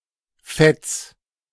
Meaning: singular imperative of fetzen
- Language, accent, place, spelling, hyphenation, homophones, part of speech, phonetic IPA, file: German, Germany, Berlin, fetz, fetz, Fetts, verb, [fɛts], De-fetz.ogg